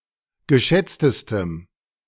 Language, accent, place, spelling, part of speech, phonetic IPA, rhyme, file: German, Germany, Berlin, geschätztestem, adjective, [ɡəˈʃɛt͡stəstəm], -ɛt͡stəstəm, De-geschätztestem.ogg
- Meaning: strong dative masculine/neuter singular superlative degree of geschätzt